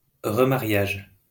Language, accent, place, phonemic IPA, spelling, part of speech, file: French, France, Lyon, /ʁə.ma.ʁjaʒ/, remariage, noun, LL-Q150 (fra)-remariage.wav
- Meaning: remarriage